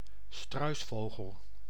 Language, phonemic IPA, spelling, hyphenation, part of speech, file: Dutch, /ˈstrœy̯sˌfoː.ɣəl/, struisvogel, struis‧vo‧gel, noun, Nl-struisvogel.ogg
- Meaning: 1. an ostrich, flightless bird of the genus Struthio 2. common ostrich (Struthio camelus)